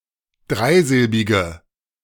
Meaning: inflection of dreisilbig: 1. strong/mixed nominative/accusative feminine singular 2. strong nominative/accusative plural 3. weak nominative all-gender singular
- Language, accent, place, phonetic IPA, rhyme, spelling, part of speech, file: German, Germany, Berlin, [ˈdʁaɪ̯ˌzɪlbɪɡə], -aɪ̯zɪlbɪɡə, dreisilbige, adjective, De-dreisilbige.ogg